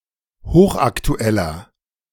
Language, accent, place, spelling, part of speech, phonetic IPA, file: German, Germany, Berlin, hochaktueller, adjective, [ˈhoːxʔaktuˌɛlɐ], De-hochaktueller.ogg
- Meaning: 1. comparative degree of hochaktuell 2. inflection of hochaktuell: strong/mixed nominative masculine singular 3. inflection of hochaktuell: strong genitive/dative feminine singular